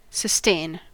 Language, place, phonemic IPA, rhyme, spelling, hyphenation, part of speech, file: English, California, /səˈsteɪn/, -eɪn, sustain, sus‧tain, verb / noun, En-us-sustain.ogg
- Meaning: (verb) 1. To maintain, or keep in existence 2. To provide for or nourish 3. To encourage or sanction (something) 4. To experience or suffer (an injury, etc.)